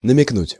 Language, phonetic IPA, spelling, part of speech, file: Russian, [nəmʲɪkˈnutʲ], намекнуть, verb, Ru-намекнуть.ogg
- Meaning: to allude, to hint, to imply